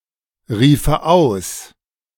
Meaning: first/third-person singular subjunctive II of ausrufen
- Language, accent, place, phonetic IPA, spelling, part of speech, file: German, Germany, Berlin, [ˌʁiːfə ˈaʊ̯s], riefe aus, verb, De-riefe aus.ogg